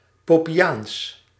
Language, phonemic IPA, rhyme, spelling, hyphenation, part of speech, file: Dutch, /ˌpɔn.peːˈjaːns/, -aːns, Pohnpeiaans, Pohn‧pei‧aans, adjective / proper noun, Nl-Pohnpeiaans.ogg
- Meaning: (adjective) Pohnpeian, in, from or otherwise relating to the island state Pohnpei, the former Ponape, in Micronesia, or its people